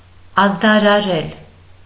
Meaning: to announce, to proclaim, to advertise (to give public notice of; to announce publicly)
- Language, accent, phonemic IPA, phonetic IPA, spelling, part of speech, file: Armenian, Eastern Armenian, /ɑzdɑɾɑˈɾel/, [ɑzdɑɾɑɾél], ազդարարել, verb, Hy-ազդարարել.ogg